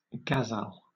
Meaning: A poetic form mostly used for love poetry in Middle Eastern, South, and Central Asian poetry
- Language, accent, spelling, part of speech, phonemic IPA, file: English, Southern England, ghazal, noun, /ˈɡæzæl/, LL-Q1860 (eng)-ghazal.wav